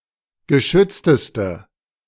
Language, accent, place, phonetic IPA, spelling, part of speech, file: German, Germany, Berlin, [ɡəˈʃʏt͡stəstə], geschützteste, adjective, De-geschützteste.ogg
- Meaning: inflection of geschützt: 1. strong/mixed nominative/accusative feminine singular superlative degree 2. strong nominative/accusative plural superlative degree